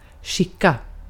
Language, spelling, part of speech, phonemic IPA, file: Swedish, skicka, verb, /ˈɧɪkˌa/, Sv-skicka.ogg
- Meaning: 1. send (make something go somewhere) 2. pass, to give someone who didn't reach (e.g. across a table) 3. behave oneself